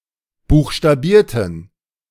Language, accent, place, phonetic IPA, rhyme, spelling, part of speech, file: German, Germany, Berlin, [ˌbuːxʃtaˈbiːɐ̯tn̩], -iːɐ̯tn̩, buchstabierten, adjective / verb, De-buchstabierten.ogg
- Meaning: inflection of buchstabieren: 1. first/third-person plural preterite 2. first/third-person plural subjunctive II